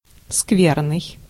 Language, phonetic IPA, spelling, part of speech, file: Russian, [ˈskvʲernɨj], скверный, adjective, Ru-скверный.ogg
- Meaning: bad, nasty, foul